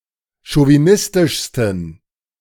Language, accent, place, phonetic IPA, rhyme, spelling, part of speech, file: German, Germany, Berlin, [ʃoviˈnɪstɪʃstn̩], -ɪstɪʃstn̩, chauvinistischsten, adjective, De-chauvinistischsten.ogg
- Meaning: 1. superlative degree of chauvinistisch 2. inflection of chauvinistisch: strong genitive masculine/neuter singular superlative degree